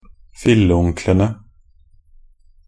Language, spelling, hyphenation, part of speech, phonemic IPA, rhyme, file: Norwegian Bokmål, filleonklene, fil‧le‧on‧kle‧ne, noun, /fɪlːə.uŋklənə/, -ənə, Nb-filleonklene.ogg
- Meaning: definite plural of filleonkel